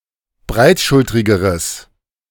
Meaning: strong/mixed nominative/accusative neuter singular comparative degree of breitschultrig
- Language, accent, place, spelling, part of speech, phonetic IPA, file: German, Germany, Berlin, breitschultrigeres, adjective, [ˈbʁaɪ̯tˌʃʊltʁɪɡəʁəs], De-breitschultrigeres.ogg